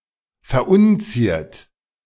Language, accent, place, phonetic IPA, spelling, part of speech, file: German, Germany, Berlin, [fɛɐ̯ˈʔʊnˌt͡siːɐ̯t], verunziert, verb, De-verunziert.ogg
- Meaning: 1. past participle of verunzieren 2. inflection of verunzieren: second-person plural present 3. inflection of verunzieren: third-person singular present 4. inflection of verunzieren: plural imperative